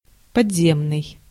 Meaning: underground, subterranean (below ground, under the earth, underground)
- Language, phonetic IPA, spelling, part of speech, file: Russian, [pɐd͡zʲˈzʲemnɨj], подземный, adjective, Ru-подземный.ogg